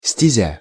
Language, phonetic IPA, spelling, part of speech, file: Russian, [sʲtʲɪˈzʲa], стезя, noun, Ru-стезя.ogg
- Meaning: path, way